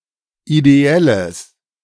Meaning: strong/mixed nominative/accusative neuter singular of ideell
- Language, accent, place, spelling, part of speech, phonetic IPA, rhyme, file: German, Germany, Berlin, ideelles, adjective, [ideˈɛləs], -ɛləs, De-ideelles.ogg